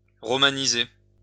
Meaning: to Romanize
- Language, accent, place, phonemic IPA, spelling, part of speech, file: French, France, Lyon, /ʁɔ.ma.ni.ze/, romaniser, verb, LL-Q150 (fra)-romaniser.wav